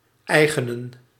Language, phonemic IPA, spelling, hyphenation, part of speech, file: Dutch, /ˈɛi̯ɣənə(n)/, eigenen, ei‧ge‧nen, verb, Nl-eigenen.ogg
- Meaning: 1. to give in ownership, to grant 2. to claim ownership of, to take